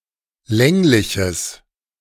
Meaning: strong/mixed nominative/accusative neuter singular of länglich
- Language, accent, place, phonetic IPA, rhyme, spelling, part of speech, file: German, Germany, Berlin, [ˈlɛŋlɪçəs], -ɛŋlɪçəs, längliches, adjective, De-längliches.ogg